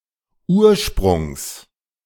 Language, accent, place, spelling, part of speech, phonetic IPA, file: German, Germany, Berlin, Ursprungs, noun, [ˈuːɐ̯ʃpʁʊŋs], De-Ursprungs.ogg
- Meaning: genitive singular of Ursprung